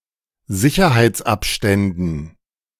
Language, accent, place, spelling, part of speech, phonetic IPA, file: German, Germany, Berlin, Sicherheitsabständen, noun, [ˈzɪçɐhaɪ̯t͡sˌʔapʃtɛndn̩], De-Sicherheitsabständen.ogg
- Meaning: dative plural of Sicherheitsabstand